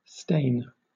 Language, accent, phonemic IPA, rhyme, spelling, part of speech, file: English, Southern England, /steɪn/, -eɪn, stain, noun / verb, LL-Q1860 (eng)-stain.wav
- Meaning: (noun) 1. A discolored spot or area caused by spillage or other contact with certain fluids or substances 2. A blemish on one's character or reputation